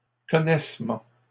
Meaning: bill of lading
- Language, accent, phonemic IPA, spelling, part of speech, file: French, Canada, /kɔ.nɛs.mɑ̃/, connaissement, noun, LL-Q150 (fra)-connaissement.wav